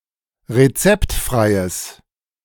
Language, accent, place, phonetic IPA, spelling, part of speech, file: German, Germany, Berlin, [ʁeˈt͡sɛptˌfʁaɪ̯əs], rezeptfreies, adjective, De-rezeptfreies.ogg
- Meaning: strong/mixed nominative/accusative neuter singular of rezeptfrei